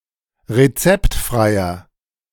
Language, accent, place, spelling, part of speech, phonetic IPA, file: German, Germany, Berlin, rezeptfreier, adjective, [ʁeˈt͡sɛptˌfʁaɪ̯ɐ], De-rezeptfreier.ogg
- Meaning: inflection of rezeptfrei: 1. strong/mixed nominative masculine singular 2. strong genitive/dative feminine singular 3. strong genitive plural